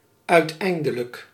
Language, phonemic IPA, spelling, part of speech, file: Dutch, /ˌœy̯tˈɛi̯n.də.lək/, uiteindelijk, adjective / adverb, Nl-uiteindelijk.ogg
- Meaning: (adjective) 1. eventual 2. final; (adverb) in the end; eventually